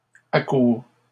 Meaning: third-person singular present indicative of accourir
- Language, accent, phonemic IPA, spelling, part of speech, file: French, Canada, /a.kuʁ/, accourt, verb, LL-Q150 (fra)-accourt.wav